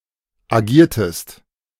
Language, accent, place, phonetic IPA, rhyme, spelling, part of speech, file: German, Germany, Berlin, [aˈɡiːɐ̯təst], -iːɐ̯təst, agiertest, verb, De-agiertest.ogg
- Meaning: inflection of agieren: 1. second-person singular preterite 2. second-person singular subjunctive II